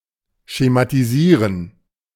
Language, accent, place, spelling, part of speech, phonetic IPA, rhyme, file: German, Germany, Berlin, schematisieren, verb, [ʃematiˈziːʁən], -iːʁən, De-schematisieren.ogg
- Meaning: to schematize